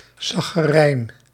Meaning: alternative spelling of chagrijn
- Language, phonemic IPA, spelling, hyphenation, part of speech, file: Dutch, /ˌsɑxəˈrɛin/, sacherijn, sa‧che‧rijn, noun, Nl-sacherijn.ogg